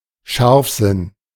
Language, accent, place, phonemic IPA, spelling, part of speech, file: German, Germany, Berlin, /ˈʃaʁfˌzɪn/, Scharfsinn, noun, De-Scharfsinn.ogg
- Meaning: acumen, perspicacity